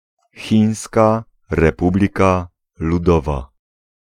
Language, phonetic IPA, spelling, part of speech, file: Polish, [ˈxʲĩj̃ska rɛˈpublʲika luˈdɔva], Chińska Republika Ludowa, proper noun, Pl-Chińska Republika Ludowa.ogg